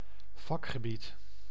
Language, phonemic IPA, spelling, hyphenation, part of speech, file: Dutch, /ˈvɑk.xəˌbit/, vakgebied, vak‧ge‧bied, noun, Nl-vakgebied.ogg
- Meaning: field, specialism, domain (within a subject or profession)